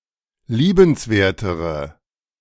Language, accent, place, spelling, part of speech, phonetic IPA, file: German, Germany, Berlin, liebenswertere, adjective, [ˈliːbənsˌveːɐ̯təʁə], De-liebenswertere.ogg
- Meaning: inflection of liebenswert: 1. strong/mixed nominative/accusative feminine singular comparative degree 2. strong nominative/accusative plural comparative degree